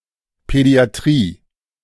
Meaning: pediatrics (the branch of medicine that deals with the treatment of children)
- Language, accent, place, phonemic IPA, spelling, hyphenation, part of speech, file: German, Germany, Berlin, /pɛdi̯aˈtʁiː/, Pädiatrie, Pä‧di‧a‧trie, noun, De-Pädiatrie.ogg